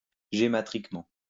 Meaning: gematrically
- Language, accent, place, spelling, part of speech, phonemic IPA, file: French, France, Lyon, gématriquement, adverb, /ʒe.ma.tʁik.mɑ̃/, LL-Q150 (fra)-gématriquement.wav